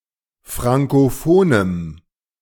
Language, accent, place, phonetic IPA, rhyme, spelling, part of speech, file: German, Germany, Berlin, [ˌfʁaŋkoˈfoːnəm], -oːnəm, frankophonem, adjective, De-frankophonem.ogg
- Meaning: strong dative masculine/neuter singular of frankophon